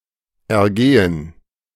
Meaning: 1. to go out, to be issued 2. to go (well, badly etc. for someone) 3. to hold forth, to expound [with über (+ accusative) ‘on a subject’] 4. to indulge (oneself) [with in (+ dative) ‘in something’]
- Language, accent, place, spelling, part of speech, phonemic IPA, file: German, Germany, Berlin, ergehen, verb, /ɛʁˈɡeːən/, De-ergehen.ogg